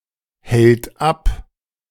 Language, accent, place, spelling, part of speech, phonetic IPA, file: German, Germany, Berlin, hält ab, verb, [ˌhɛlt ˈap], De-hält ab.ogg
- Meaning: third-person singular present of abhalten